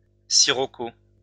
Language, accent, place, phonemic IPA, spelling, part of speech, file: French, France, Lyon, /si.ʁɔ.ko/, sirocco, noun, LL-Q150 (fra)-sirocco.wav
- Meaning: sirocco